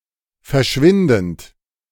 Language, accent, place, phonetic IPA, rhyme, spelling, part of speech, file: German, Germany, Berlin, [fɛɐ̯ˈʃvɪndn̩t], -ɪndn̩t, verschwindend, verb, De-verschwindend.ogg
- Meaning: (verb) present participle of verschwinden; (adjective) 1. vanishing 2. insignificant 3. infinitesimal